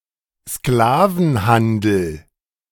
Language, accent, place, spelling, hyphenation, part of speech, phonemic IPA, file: German, Germany, Berlin, Sklavenhandel, Skla‧ven‧han‧del, noun, /ˈsklaːvn̩ˌhandl̩/, De-Sklavenhandel.ogg
- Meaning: slave trade